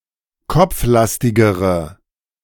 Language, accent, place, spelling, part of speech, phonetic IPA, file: German, Germany, Berlin, kopflastigere, adjective, [ˈkɔp͡fˌlastɪɡəʁə], De-kopflastigere.ogg
- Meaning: inflection of kopflastig: 1. strong/mixed nominative/accusative feminine singular comparative degree 2. strong nominative/accusative plural comparative degree